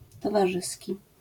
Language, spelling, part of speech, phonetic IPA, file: Polish, towarzyski, adjective, [ˌtɔvaˈʒɨsʲci], LL-Q809 (pol)-towarzyski.wav